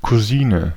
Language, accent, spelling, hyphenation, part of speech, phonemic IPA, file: German, Germany, Cousine, Cou‧si‧ne, noun, /kuˈziːnə/, De-Cousine.ogg
- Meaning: female cousin